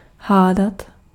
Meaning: 1. to guess 2. to quarrel, to argue
- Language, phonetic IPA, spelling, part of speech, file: Czech, [ˈɦaːdat], hádat, verb, Cs-hádat.ogg